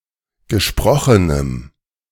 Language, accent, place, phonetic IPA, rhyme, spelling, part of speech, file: German, Germany, Berlin, [ɡəˈʃpʁɔxənəm], -ɔxənəm, gesprochenem, adjective, De-gesprochenem.ogg
- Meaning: strong dative masculine/neuter singular of gesprochen